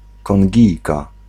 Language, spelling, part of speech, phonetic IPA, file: Polish, Kongijka, noun, [kɔ̃ŋʲˈɟijka], Pl-Kongijka.ogg